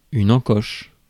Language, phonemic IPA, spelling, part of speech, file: French, /ɑ̃.kɔʃ/, encoche, noun / verb, Fr-encoche.ogg
- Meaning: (noun) 1. notch 2. nock; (verb) inflection of encocher: 1. first/third-person singular present indicative/subjunctive 2. second-person singular imperative